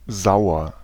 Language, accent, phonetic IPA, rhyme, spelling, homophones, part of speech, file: German, Germany, [ˈzaʊ̯ɐ], -aʊ̯ɐ, sauer, Sauer, adjective, De-sauer.ogg
- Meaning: 1. sour; acid; acidic 2. upset; annoyed; angry 3. unpleasant